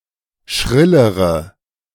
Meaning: inflection of schrill: 1. strong/mixed nominative/accusative feminine singular comparative degree 2. strong nominative/accusative plural comparative degree
- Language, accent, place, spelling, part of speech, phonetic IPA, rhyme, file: German, Germany, Berlin, schrillere, adjective, [ˈʃʁɪləʁə], -ɪləʁə, De-schrillere.ogg